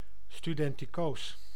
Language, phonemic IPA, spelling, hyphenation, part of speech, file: Dutch, /styˌdɛn.tiˈkoːs/, studentikoos, stu‧den‧ti‧koos, adjective, Nl-studentikoos.ogg
- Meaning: in a student-like, often also jocular, way